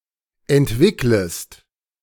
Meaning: second-person singular subjunctive I of entwickeln
- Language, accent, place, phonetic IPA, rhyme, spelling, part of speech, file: German, Germany, Berlin, [ɛntˈvɪkləst], -ɪkləst, entwicklest, verb, De-entwicklest.ogg